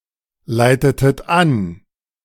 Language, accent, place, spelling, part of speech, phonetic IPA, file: German, Germany, Berlin, leitetet an, verb, [ˌlaɪ̯tətət ˈan], De-leitetet an.ogg
- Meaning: inflection of anleiten: 1. second-person plural preterite 2. second-person plural subjunctive II